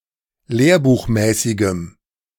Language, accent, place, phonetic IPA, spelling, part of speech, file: German, Germany, Berlin, [ˈleːɐ̯buːxˌmɛːsɪɡəm], lehrbuchmäßigem, adjective, De-lehrbuchmäßigem.ogg
- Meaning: strong dative masculine/neuter singular of lehrbuchmäßig